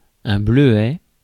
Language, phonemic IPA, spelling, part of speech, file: French, /blø.ɛ/, bleuet, noun, Fr-bleuet.ogg
- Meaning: 1. cornflower (flower) 2. North American blueberry (Vaccinium angustifolium)